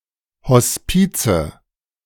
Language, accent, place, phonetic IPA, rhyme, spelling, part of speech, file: German, Germany, Berlin, [hɔsˈpiːt͡sə], -iːt͡sə, Hospize, noun, De-Hospize.ogg
- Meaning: nominative/accusative/genitive plural of Hospiz